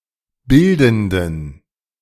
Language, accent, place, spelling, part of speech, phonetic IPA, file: German, Germany, Berlin, bildenden, adjective, [ˈbɪldn̩dən], De-bildenden.ogg
- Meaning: inflection of bildend: 1. strong genitive masculine/neuter singular 2. weak/mixed genitive/dative all-gender singular 3. strong/weak/mixed accusative masculine singular 4. strong dative plural